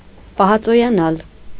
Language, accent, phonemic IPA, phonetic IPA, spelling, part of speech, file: Armenian, Eastern Armenian, /pɑhɑt͡sojɑˈnɑl/, [pɑhɑt͡sojɑnɑ́l], պահածոյանալ, verb, Hy-պահածոյանալ.ogg
- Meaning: 1. to become preserved, conserved, tinned, canned 2. to become isolated